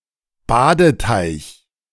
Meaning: bathing pond
- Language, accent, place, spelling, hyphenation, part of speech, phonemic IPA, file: German, Germany, Berlin, Badeteich, Ba‧de‧teich, noun, /ˈbaːdəˌtaɪ̯ç/, De-Badeteich.ogg